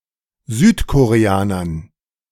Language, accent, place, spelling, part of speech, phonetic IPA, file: German, Germany, Berlin, Südkoreanern, noun, [ˈzyːtkoʁeˌaːnɐn], De-Südkoreanern.ogg
- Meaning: dative plural of Südkoreaner